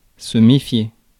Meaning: to mistrust, to be wary of, to watch out for
- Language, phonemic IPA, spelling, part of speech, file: French, /me.fje/, méfier, verb, Fr-méfier.ogg